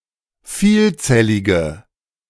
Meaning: inflection of vielzellig: 1. strong/mixed nominative/accusative feminine singular 2. strong nominative/accusative plural 3. weak nominative all-gender singular
- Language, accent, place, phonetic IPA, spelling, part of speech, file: German, Germany, Berlin, [ˈfiːlˌt͡sɛlɪɡə], vielzellige, adjective, De-vielzellige.ogg